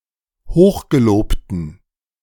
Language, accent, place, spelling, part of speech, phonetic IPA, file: German, Germany, Berlin, hochgelobten, adjective, [ˈhoːxɡeˌloːptn̩], De-hochgelobten.ogg
- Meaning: inflection of hochgelobt: 1. strong genitive masculine/neuter singular 2. weak/mixed genitive/dative all-gender singular 3. strong/weak/mixed accusative masculine singular 4. strong dative plural